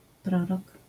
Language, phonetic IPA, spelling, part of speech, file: Polish, [ˈprɔrɔk], prorok, noun, LL-Q809 (pol)-prorok.wav